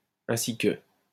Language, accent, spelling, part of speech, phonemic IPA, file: French, France, ainsi que, conjunction, /ɛ̃.si kə/, LL-Q150 (fra)-ainsi que.wav
- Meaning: 1. as, just as, like 2. as well as